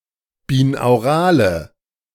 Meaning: inflection of binaural: 1. strong/mixed nominative/accusative feminine singular 2. strong nominative/accusative plural 3. weak nominative all-gender singular
- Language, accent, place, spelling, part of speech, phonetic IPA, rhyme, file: German, Germany, Berlin, binaurale, adjective, [biːnaʊ̯ˈʁaːlə], -aːlə, De-binaurale.ogg